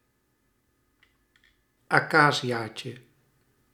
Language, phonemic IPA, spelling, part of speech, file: Dutch, /aˈkazijacə/, acaciaatje, noun, Nl-acaciaatje.ogg
- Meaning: diminutive of acacia